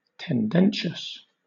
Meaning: Having a tendency, written or spoken, with a partisan, biased or prejudiced purpose, especially a controversial one; implicitly or explicitly slanted; biased
- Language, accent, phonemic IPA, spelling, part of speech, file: English, Southern England, /tɛnˈdɛnʃəs/, tendentious, adjective, LL-Q1860 (eng)-tendentious.wav